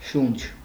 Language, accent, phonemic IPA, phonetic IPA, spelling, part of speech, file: Armenian, Eastern Armenian, /ʃunt͡ʃʰ/, [ʃunt͡ʃʰ], շունչ, noun, Hy-շունչ.ogg
- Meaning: 1. breath 2. breathing, respiration 3. soul, person 4. light breeze 5. pause